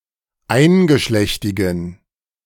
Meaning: inflection of eingeschlechtig: 1. strong genitive masculine/neuter singular 2. weak/mixed genitive/dative all-gender singular 3. strong/weak/mixed accusative masculine singular 4. strong dative plural
- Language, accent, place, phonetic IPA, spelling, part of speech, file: German, Germany, Berlin, [ˈaɪ̯nɡəˌʃlɛçtɪɡn̩], eingeschlechtigen, adjective, De-eingeschlechtigen.ogg